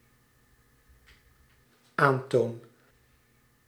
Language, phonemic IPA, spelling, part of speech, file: Dutch, /ˈanton/, aantoon, verb, Nl-aantoon.ogg
- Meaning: first-person singular dependent-clause present indicative of aantonen